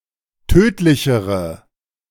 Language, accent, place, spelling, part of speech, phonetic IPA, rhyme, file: German, Germany, Berlin, tödlichere, adjective, [ˈtøːtlɪçəʁə], -øːtlɪçəʁə, De-tödlichere.ogg
- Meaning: inflection of tödlich: 1. strong/mixed nominative/accusative feminine singular comparative degree 2. strong nominative/accusative plural comparative degree